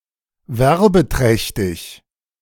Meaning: having a great advertising effect
- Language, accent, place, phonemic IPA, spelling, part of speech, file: German, Germany, Berlin, /ˈvɛʁbəˌtʁɛçtɪç/, werbeträchtig, adjective, De-werbeträchtig.ogg